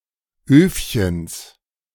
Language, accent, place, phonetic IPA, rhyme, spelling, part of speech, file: German, Germany, Berlin, [ˈøːfçəns], -øːfçəns, Öfchens, noun, De-Öfchens.ogg
- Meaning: genitive of Öfchen